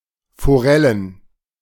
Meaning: plural of Forelle
- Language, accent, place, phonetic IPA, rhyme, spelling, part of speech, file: German, Germany, Berlin, [foˈʁɛlən], -ɛlən, Forellen, noun, De-Forellen.ogg